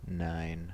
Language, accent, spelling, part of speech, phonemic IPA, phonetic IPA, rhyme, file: English, US, nine, numeral / noun, /naɪn/, [naɪ̯n], -aɪn, En-us-nine.ogg
- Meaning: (numeral) 1. A numerical value equal to 9; the number following eight and preceding ten 2. Describing a group or set with nine elements; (noun) The digit or figure 9